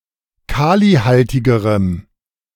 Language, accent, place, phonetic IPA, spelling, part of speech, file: German, Germany, Berlin, [ˈkaːliˌhaltɪɡəʁəm], kalihaltigerem, adjective, De-kalihaltigerem.ogg
- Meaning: strong dative masculine/neuter singular comparative degree of kalihaltig